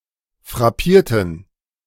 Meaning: inflection of frappieren: 1. first/third-person plural preterite 2. first/third-person plural subjunctive II
- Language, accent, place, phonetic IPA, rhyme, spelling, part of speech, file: German, Germany, Berlin, [fʁaˈpiːɐ̯tn̩], -iːɐ̯tn̩, frappierten, adjective / verb, De-frappierten.ogg